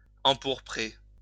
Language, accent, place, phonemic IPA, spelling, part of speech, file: French, France, Lyon, /ɑ̃.puʁ.pʁe/, empourprer, verb, LL-Q150 (fra)-empourprer.wav
- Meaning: 1. to make purple, to color purple, empurple 2. to blush